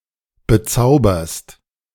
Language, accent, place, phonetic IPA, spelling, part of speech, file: German, Germany, Berlin, [bəˈt͡saʊ̯bɐst], bezauberst, verb, De-bezauberst.ogg
- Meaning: second-person singular present of bezaubern